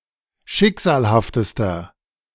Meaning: inflection of schicksalhaft: 1. strong/mixed nominative masculine singular superlative degree 2. strong genitive/dative feminine singular superlative degree
- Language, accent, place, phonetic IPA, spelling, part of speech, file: German, Germany, Berlin, [ˈʃɪkz̥aːlhaftəstɐ], schicksalhaftester, adjective, De-schicksalhaftester.ogg